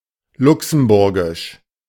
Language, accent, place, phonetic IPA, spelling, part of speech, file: German, Germany, Berlin, [ˈlʊksm̩ˌbʊʁɡɪʃ], luxemburgisch, adjective, De-luxemburgisch.ogg
- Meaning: of Luxembourg; Letzeburgesh, Luxembourgish, Luxembourgian (related to Luxembourg, its people or its language)